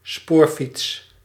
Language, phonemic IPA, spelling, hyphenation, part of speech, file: Dutch, /ˈspoːr.fits/, spoorfiets, spoor‧fiets, noun, Nl-spoorfiets.ogg
- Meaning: rail bicycle (pedal-powered vehicle travelling over railway tracks)